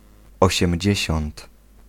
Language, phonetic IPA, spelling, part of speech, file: Polish, [ˌɔɕɛ̃mʲˈd͡ʑɛ̇ɕɔ̃nt], osiemdziesiąt, adjective, Pl-osiemdziesiąt.ogg